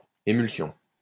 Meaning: emulsion (suspension of one liquid in another)
- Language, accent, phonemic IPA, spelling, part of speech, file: French, France, /e.myl.sjɔ̃/, émulsion, noun, LL-Q150 (fra)-émulsion.wav